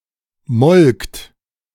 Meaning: second-person plural preterite of melken
- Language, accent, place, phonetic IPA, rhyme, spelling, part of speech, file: German, Germany, Berlin, [mɔlkt], -ɔlkt, molkt, verb, De-molkt.ogg